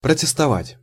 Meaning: to protest, to object, to remonstrate
- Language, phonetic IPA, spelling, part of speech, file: Russian, [prətʲɪstɐˈvatʲ], протестовать, verb, Ru-протестовать.ogg